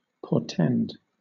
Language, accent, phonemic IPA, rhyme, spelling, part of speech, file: English, Southern England, /pɔːˈtɛnd/, -ɛnd, portend, verb, LL-Q1860 (eng)-portend.wav
- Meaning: 1. To serve as a warning or omen of 2. To signify; to denote